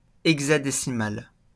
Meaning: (adjective) hexadecimal (expressed in hexadecimal); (noun) hexadecimal
- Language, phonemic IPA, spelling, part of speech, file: French, /ɛɡ.za.de.si.mal/, hexadécimal, adjective / noun, LL-Q150 (fra)-hexadécimal.wav